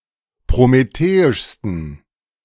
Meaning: 1. superlative degree of prometheisch 2. inflection of prometheisch: strong genitive masculine/neuter singular superlative degree
- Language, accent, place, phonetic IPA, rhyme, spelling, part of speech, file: German, Germany, Berlin, [pʁomeˈteːɪʃstn̩], -eːɪʃstn̩, prometheischsten, adjective, De-prometheischsten.ogg